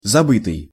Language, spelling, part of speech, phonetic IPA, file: Russian, забытый, verb / adjective, [zɐˈbɨtɨj], Ru-забытый.ogg
- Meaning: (verb) past passive perfective participle of забы́ть (zabýtʹ); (adjective) forgotten